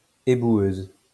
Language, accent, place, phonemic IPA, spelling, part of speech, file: French, France, Lyon, /e.bwøz/, éboueuse, noun, LL-Q150 (fra)-éboueuse.wav
- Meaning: female equivalent of éboueur